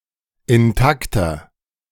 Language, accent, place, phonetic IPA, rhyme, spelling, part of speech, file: German, Germany, Berlin, [ɪnˈtaktɐ], -aktɐ, intakter, adjective, De-intakter.ogg
- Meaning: 1. comparative degree of intakt 2. inflection of intakt: strong/mixed nominative masculine singular 3. inflection of intakt: strong genitive/dative feminine singular